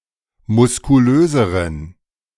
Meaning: inflection of muskulös: 1. strong genitive masculine/neuter singular comparative degree 2. weak/mixed genitive/dative all-gender singular comparative degree
- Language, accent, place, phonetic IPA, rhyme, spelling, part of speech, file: German, Germany, Berlin, [mʊskuˈløːzəʁən], -øːzəʁən, muskulöseren, adjective, De-muskulöseren.ogg